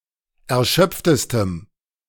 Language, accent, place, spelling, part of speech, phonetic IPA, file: German, Germany, Berlin, erschöpftestem, adjective, [ɛɐ̯ˈʃœp͡ftəstəm], De-erschöpftestem.ogg
- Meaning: strong dative masculine/neuter singular superlative degree of erschöpft